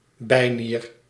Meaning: adrenal gland
- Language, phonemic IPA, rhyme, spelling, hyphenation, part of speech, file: Dutch, /ˈbɛi̯ˌniːr/, -iːr, bijnier, bij‧nier, noun, Nl-bijnier.ogg